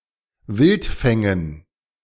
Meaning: dative plural of Wildfang
- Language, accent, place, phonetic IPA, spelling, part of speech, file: German, Germany, Berlin, [ˈvɪltˌfɛŋən], Wildfängen, noun, De-Wildfängen.ogg